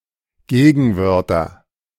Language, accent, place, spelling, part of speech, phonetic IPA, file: German, Germany, Berlin, Gegenwörtern, noun, [ˈɡeːɡn̩ˌvœʁtɐn], De-Gegenwörtern.ogg
- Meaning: dative plural of Gegenwort